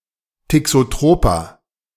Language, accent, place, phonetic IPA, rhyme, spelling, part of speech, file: German, Germany, Berlin, [tɪksoˈtʁoːpɐ], -oːpɐ, thixotroper, adjective, De-thixotroper.ogg
- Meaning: inflection of thixotrop: 1. strong/mixed nominative masculine singular 2. strong genitive/dative feminine singular 3. strong genitive plural